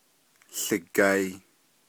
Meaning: it is white
- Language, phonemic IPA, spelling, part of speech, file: Navajo, /ɬɪ̀kɑ̀ɪ̀/, łigai, verb, Nv-łigai.ogg